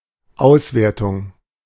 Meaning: 1. evaluation, score 2. analysis, appraisal 3. interpretation
- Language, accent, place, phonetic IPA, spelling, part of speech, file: German, Germany, Berlin, [ˈaʊ̯sveːɐ̯tʊŋ], Auswertung, noun, De-Auswertung.ogg